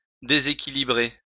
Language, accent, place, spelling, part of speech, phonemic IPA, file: French, France, Lyon, déséquilibrer, verb, /de.ze.ki.li.bʁe/, LL-Q150 (fra)-déséquilibrer.wav
- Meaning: to unbalance